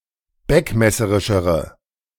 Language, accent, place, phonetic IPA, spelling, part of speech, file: German, Germany, Berlin, [ˈbɛkmɛsəʁɪʃəʁə], beckmesserischere, adjective, De-beckmesserischere.ogg
- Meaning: inflection of beckmesserisch: 1. strong/mixed nominative/accusative feminine singular comparative degree 2. strong nominative/accusative plural comparative degree